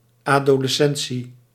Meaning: adolescence
- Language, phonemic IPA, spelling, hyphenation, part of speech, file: Dutch, /ˌaː.doː.ləˈsɛn.(t)si/, adolescentie, ado‧les‧cen‧tie, noun, Nl-adolescentie.ogg